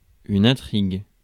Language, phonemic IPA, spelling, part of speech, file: French, /ɛ̃.tʁiɡ/, intrigue, noun / verb, Fr-intrigue.ogg
- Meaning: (noun) 1. intrigue (complicated or clandestine plot or scheme intended to effect some purpose by secret artifice) 2. plot (the course of a story)